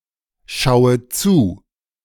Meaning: inflection of zuschauen: 1. first-person singular present 2. first/third-person singular subjunctive I 3. singular imperative
- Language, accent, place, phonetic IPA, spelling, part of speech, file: German, Germany, Berlin, [ˌʃaʊ̯ə ˈt͡suː], schaue zu, verb, De-schaue zu.ogg